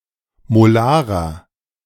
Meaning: inflection of molar: 1. strong/mixed nominative masculine singular 2. strong genitive/dative feminine singular 3. strong genitive plural
- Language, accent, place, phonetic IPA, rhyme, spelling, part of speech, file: German, Germany, Berlin, [moˈlaːʁɐ], -aːʁɐ, molarer, adjective, De-molarer.ogg